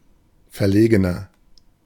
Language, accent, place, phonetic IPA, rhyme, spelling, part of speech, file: German, Germany, Berlin, [fɛɐ̯ˈleːɡənɐ], -eːɡənɐ, verlegener, adjective, De-verlegener.ogg
- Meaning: 1. comparative degree of verlegen 2. inflection of verlegen: strong/mixed nominative masculine singular 3. inflection of verlegen: strong genitive/dative feminine singular